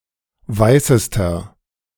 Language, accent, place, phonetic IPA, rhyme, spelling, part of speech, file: German, Germany, Berlin, [ˈvaɪ̯səstɐ], -aɪ̯səstɐ, weißester, adjective, De-weißester.ogg
- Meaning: inflection of weiß: 1. strong/mixed nominative masculine singular superlative degree 2. strong genitive/dative feminine singular superlative degree 3. strong genitive plural superlative degree